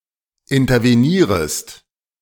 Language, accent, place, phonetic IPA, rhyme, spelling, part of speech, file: German, Germany, Berlin, [ɪntɐveˈniːʁəst], -iːʁəst, intervenierest, verb, De-intervenierest.ogg
- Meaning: second-person singular subjunctive I of intervenieren